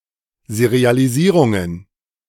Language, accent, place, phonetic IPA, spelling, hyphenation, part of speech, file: German, Germany, Berlin, [sɛʁɪalɪsiːʁuɡən], Serialisierungen, Se‧ri‧a‧li‧sie‧run‧gen, noun, De-Serialisierungen.ogg
- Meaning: plural of Serialisierung